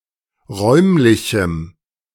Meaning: strong dative masculine/neuter singular of räumlich
- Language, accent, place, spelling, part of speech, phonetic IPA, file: German, Germany, Berlin, räumlichem, adjective, [ˈʁɔɪ̯mlɪçm̩], De-räumlichem.ogg